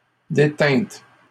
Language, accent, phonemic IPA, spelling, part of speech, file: French, Canada, /de.tɛ̃t/, détîntes, verb, LL-Q150 (fra)-détîntes.wav
- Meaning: second-person plural past historic of détenir